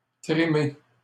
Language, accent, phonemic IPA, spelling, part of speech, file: French, Canada, /tʁi.me/, trimer, verb, LL-Q150 (fra)-trimer.wav
- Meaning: 1. to slave away (to work very hard) 2. to walk for a long time; to tramp